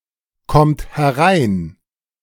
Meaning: inflection of hereinkommen: 1. third-person singular present 2. second-person plural present 3. plural imperative
- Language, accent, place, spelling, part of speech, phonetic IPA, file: German, Germany, Berlin, kommt herein, verb, [ˌkɔmt hɛˈʁaɪ̯n], De-kommt herein.ogg